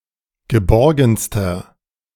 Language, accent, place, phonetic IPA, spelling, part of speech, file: German, Germany, Berlin, [ɡəˈbɔʁɡn̩stɐ], geborgenster, adjective, De-geborgenster.ogg
- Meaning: inflection of geborgen: 1. strong/mixed nominative masculine singular superlative degree 2. strong genitive/dative feminine singular superlative degree 3. strong genitive plural superlative degree